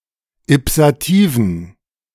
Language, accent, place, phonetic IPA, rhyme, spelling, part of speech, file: German, Germany, Berlin, [ɪpsaˈtiːvn̩], -iːvn̩, ipsativen, adjective, De-ipsativen.ogg
- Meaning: inflection of ipsativ: 1. strong genitive masculine/neuter singular 2. weak/mixed genitive/dative all-gender singular 3. strong/weak/mixed accusative masculine singular 4. strong dative plural